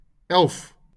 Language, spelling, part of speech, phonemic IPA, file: Afrikaans, elf, numeral, /ɛlf/, LL-Q14196 (afr)-elf.wav
- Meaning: eleven